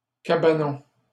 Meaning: 1. hut 2. (holiday) cottage
- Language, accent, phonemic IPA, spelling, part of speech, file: French, Canada, /ka.ba.nɔ̃/, cabanon, noun, LL-Q150 (fra)-cabanon.wav